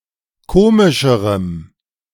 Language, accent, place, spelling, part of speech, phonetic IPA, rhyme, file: German, Germany, Berlin, komischerem, adjective, [ˈkoːmɪʃəʁəm], -oːmɪʃəʁəm, De-komischerem.ogg
- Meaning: strong dative masculine/neuter singular comparative degree of komisch